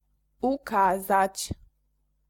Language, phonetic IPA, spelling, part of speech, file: Polish, [uˈkazat͡ɕ], ukazać, verb, Pl-ukazać.ogg